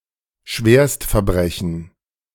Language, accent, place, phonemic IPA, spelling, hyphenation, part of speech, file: German, Germany, Berlin, /ˈʃveːɐ̯stfɛɐ̯ˌbʁɛçn̩/, Schwerstverbrechen, Schwerst‧ver‧bre‧chen, noun, De-Schwerstverbrechen.ogg
- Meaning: very serious crime